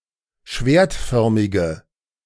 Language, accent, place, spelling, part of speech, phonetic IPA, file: German, Germany, Berlin, schwertförmige, adjective, [ˈʃveːɐ̯tˌfœʁmɪɡə], De-schwertförmige.ogg
- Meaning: inflection of schwertförmig: 1. strong/mixed nominative/accusative feminine singular 2. strong nominative/accusative plural 3. weak nominative all-gender singular